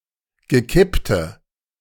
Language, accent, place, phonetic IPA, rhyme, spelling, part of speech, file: German, Germany, Berlin, [ɡəˈkɪptə], -ɪptə, gekippte, adjective, De-gekippte.ogg
- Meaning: inflection of gekippt: 1. strong/mixed nominative/accusative feminine singular 2. strong nominative/accusative plural 3. weak nominative all-gender singular 4. weak accusative feminine/neuter singular